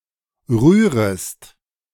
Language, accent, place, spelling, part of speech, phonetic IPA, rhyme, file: German, Germany, Berlin, rührest, verb, [ˈʁyːʁəst], -yːʁəst, De-rührest.ogg
- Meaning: second-person singular subjunctive I of rühren